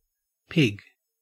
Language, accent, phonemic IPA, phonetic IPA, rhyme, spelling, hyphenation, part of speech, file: English, Australia, /ˈpɪɡ/, [ˈpʰɪɡ], -ɪɡ, pig, pig, noun / verb, En-au-pig.ogg
- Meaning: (noun) Any of several mammalian species of the family Suidae, having cloven hooves, bristles and a snout adapted for digging; especially the domesticated animal Sus domesticus